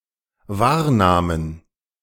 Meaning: first/third-person plural dependent preterite of wahrnehmen
- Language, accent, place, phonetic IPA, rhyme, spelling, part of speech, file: German, Germany, Berlin, [ˈvaːɐ̯ˌnaːmən], -aːɐ̯naːmən, wahrnahmen, verb, De-wahrnahmen.ogg